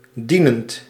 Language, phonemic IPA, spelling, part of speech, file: Dutch, /ˈdinǝndǝ/, dienend, verb / adjective, Nl-dienend.ogg
- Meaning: present participle of dienen